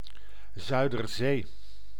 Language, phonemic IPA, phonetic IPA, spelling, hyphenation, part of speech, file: Dutch, /ˌzœy̯.dərˈzeː/, [ˌzœy̯dərˈzeː], Zuiderzee, Zui‧der‧zee, proper noun, Nl-Zuiderzee.ogg